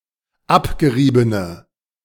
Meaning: inflection of abgerieben: 1. strong/mixed nominative/accusative feminine singular 2. strong nominative/accusative plural 3. weak nominative all-gender singular
- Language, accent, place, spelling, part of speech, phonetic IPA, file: German, Germany, Berlin, abgeriebene, adjective, [ˈapɡəˌʁiːbənə], De-abgeriebene.ogg